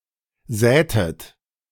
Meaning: inflection of säen: 1. second-person plural preterite 2. second-person plural subjunctive II
- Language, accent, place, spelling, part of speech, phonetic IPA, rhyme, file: German, Germany, Berlin, sätet, verb, [ˈzɛːtət], -ɛːtət, De-sätet.ogg